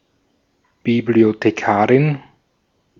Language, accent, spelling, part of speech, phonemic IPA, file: German, Austria, Bibliothekarin, noun, /ˌbiblioteˈkaːʁɪn/, De-at-Bibliothekarin.ogg
- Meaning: librarian (female)